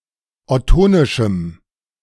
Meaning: strong dative masculine/neuter singular of ottonisch
- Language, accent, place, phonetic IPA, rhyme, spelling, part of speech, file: German, Germany, Berlin, [ɔˈtoːnɪʃm̩], -oːnɪʃm̩, ottonischem, adjective, De-ottonischem.ogg